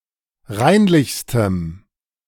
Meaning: strong dative masculine/neuter singular superlative degree of reinlich
- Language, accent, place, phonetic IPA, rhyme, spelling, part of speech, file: German, Germany, Berlin, [ˈʁaɪ̯nlɪçstəm], -aɪ̯nlɪçstəm, reinlichstem, adjective, De-reinlichstem.ogg